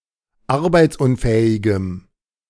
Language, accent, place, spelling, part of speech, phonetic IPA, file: German, Germany, Berlin, arbeitsunfähigem, adjective, [ˈaʁbaɪ̯t͡sˌʔʊnfɛːɪɡəm], De-arbeitsunfähigem.ogg
- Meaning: strong dative masculine/neuter singular of arbeitsunfähig